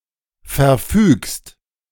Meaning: second-person singular present of verfügen
- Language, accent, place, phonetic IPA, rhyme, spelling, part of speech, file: German, Germany, Berlin, [fɛɐ̯ˈfyːkst], -yːkst, verfügst, verb, De-verfügst.ogg